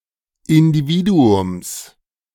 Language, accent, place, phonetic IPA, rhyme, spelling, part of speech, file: German, Germany, Berlin, [ɪndiˈviːduʊms], -iːduʊms, Individuums, noun, De-Individuums.ogg
- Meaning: genitive singular of Individuum